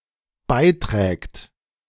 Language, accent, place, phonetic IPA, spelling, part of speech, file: German, Germany, Berlin, [ˈbaɪ̯ˌtʁɛːkt], beiträgt, verb, De-beiträgt.ogg
- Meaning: third-person singular dependent present of beitragen